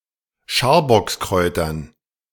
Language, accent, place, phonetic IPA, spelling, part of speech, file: German, Germany, Berlin, [ˈʃaːɐ̯bɔksˌkʁɔɪ̯tɐn], Scharbockskräutern, noun, De-Scharbockskräutern.ogg
- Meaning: dative plural of Scharbockskraut